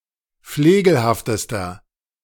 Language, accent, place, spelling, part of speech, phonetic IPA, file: German, Germany, Berlin, flegelhaftester, adjective, [ˈfleːɡl̩haftəstɐ], De-flegelhaftester.ogg
- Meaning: inflection of flegelhaft: 1. strong/mixed nominative masculine singular superlative degree 2. strong genitive/dative feminine singular superlative degree 3. strong genitive plural superlative degree